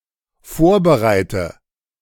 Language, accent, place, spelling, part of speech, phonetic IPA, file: German, Germany, Berlin, vorbereite, verb, [ˈfoːɐ̯bəˌʁaɪ̯tə], De-vorbereite.ogg
- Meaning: inflection of vorbereiten: 1. first-person singular dependent present 2. first/third-person singular dependent subjunctive I